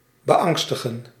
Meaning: to make anxious, to make fearful, to alarm
- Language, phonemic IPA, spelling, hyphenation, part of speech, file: Dutch, /bəˈɑŋstəɣə(n)/, beangstigen, be‧ang‧sti‧gen, verb, Nl-beangstigen.ogg